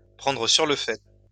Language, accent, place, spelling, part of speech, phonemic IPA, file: French, France, Lyon, prendre sur le fait, verb, /pʁɑ̃.dʁə syʁ lə fɛ/, LL-Q150 (fra)-prendre sur le fait.wav
- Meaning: to bust, to catch red-handed